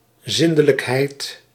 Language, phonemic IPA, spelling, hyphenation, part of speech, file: Dutch, /ˈzɪn.də.ləkˌɦɛi̯t/, zindelijkheid, zin‧de‧lijk‧heid, noun, Nl-zindelijkheid.ogg
- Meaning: 1. cleanliness, tidiness 2. housebrokenness; the state of being housebroken or toilet-trained 3. hygiene